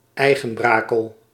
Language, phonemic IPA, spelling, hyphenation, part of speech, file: Dutch, /ˈɛi̯.ɣə(n)ˌbraː.kəl/, Eigenbrakel, Ei‧gen‧bra‧kel, proper noun, Nl-Eigenbrakel.ogg
- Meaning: Braine-l'Alleud, a town in Belgium